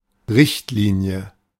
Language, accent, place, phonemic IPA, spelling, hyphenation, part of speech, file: German, Germany, Berlin, /ˈʁɪçtˌliːni̯ə/, Richtlinie, Richt‧li‧nie, noun, De-Richtlinie.ogg
- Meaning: 1. directive 2. guideline 3. policy